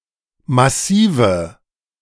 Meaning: inflection of massiv: 1. strong/mixed nominative/accusative feminine singular 2. strong nominative/accusative plural 3. weak nominative all-gender singular 4. weak accusative feminine/neuter singular
- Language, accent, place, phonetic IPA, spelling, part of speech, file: German, Germany, Berlin, [maˈsiːvə], massive, adjective, De-massive.ogg